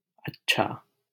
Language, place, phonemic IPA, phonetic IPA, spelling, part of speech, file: Hindi, Delhi, /ət̪.t͡ʃʰɑː/, [ɐt̚.t͡ʃʰäː], अच्छा, adjective / adverb / interjection, LL-Q1568 (hin)-अच्छा.wav
- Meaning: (adjective) 1. good, nice, fine 2. delicious, tasty; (adverb) well; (interjection) oh! (often with stress on the final syllable)